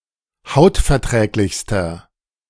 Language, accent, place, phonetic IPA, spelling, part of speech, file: German, Germany, Berlin, [ˈhaʊ̯tfɛɐ̯ˌtʁɛːklɪçstɐ], hautverträglichster, adjective, De-hautverträglichster.ogg
- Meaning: inflection of hautverträglich: 1. strong/mixed nominative masculine singular superlative degree 2. strong genitive/dative feminine singular superlative degree